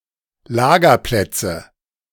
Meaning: nominative/accusative/genitive plural of Lagerplatz
- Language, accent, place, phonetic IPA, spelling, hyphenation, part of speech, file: German, Germany, Berlin, [ˈlaːɡɐˌplɛtsə], Lagerplätze, La‧ger‧plät‧ze, noun, De-Lagerplätze.ogg